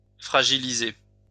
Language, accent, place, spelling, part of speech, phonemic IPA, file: French, France, Lyon, fragiliser, verb, /fʁa.ʒi.li.ze/, LL-Q150 (fra)-fragiliser.wav
- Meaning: to weaken